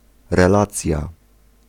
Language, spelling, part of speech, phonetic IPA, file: Polish, relacja, noun, [rɛˈlat͡sʲja], Pl-relacja.ogg